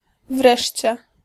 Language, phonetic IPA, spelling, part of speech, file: Polish, [ˈvrɛʃʲt͡ɕɛ], wreszcie, adverb, Pl-wreszcie.ogg